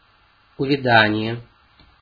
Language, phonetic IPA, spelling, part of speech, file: Russian, [ʊvʲɪˈdanʲɪje], увядание, noun, Ru-увядание.ogg
- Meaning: 1. withering 2. decline, decay